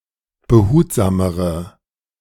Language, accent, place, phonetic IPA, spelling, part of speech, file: German, Germany, Berlin, [bəˈhuːtzaːməʁə], behutsamere, adjective, De-behutsamere.ogg
- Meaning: inflection of behutsam: 1. strong/mixed nominative/accusative feminine singular comparative degree 2. strong nominative/accusative plural comparative degree